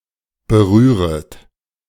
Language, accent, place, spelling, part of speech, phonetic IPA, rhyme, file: German, Germany, Berlin, berühret, verb, [bəˈʁyːʁət], -yːʁət, De-berühret.ogg
- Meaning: second-person plural subjunctive I of berühren